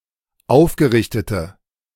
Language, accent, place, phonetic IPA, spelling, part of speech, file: German, Germany, Berlin, [ˈaʊ̯fɡəˌʁɪçtətə], aufgerichtete, adjective, De-aufgerichtete.ogg
- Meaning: inflection of aufgerichtet: 1. strong/mixed nominative/accusative feminine singular 2. strong nominative/accusative plural 3. weak nominative all-gender singular